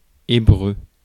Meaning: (noun) 1. Hebrew, the Hebrew language 2. Greek (something incomprehensible, gibberish); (adjective) Hebrew
- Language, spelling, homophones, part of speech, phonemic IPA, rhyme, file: French, hébreu, hébreux, noun / adjective, /e.bʁø/, -ø, Fr-hébreu.ogg